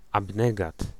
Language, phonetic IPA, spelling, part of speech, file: Polish, [abˈnɛɡat], abnegat, noun, Pl-abnegat.ogg